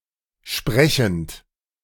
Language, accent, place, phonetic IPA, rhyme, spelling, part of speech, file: German, Germany, Berlin, [ˈʃpʁɛçn̩t], -ɛçn̩t, sprechend, adjective / verb, De-sprechend.ogg
- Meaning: present participle of sprechen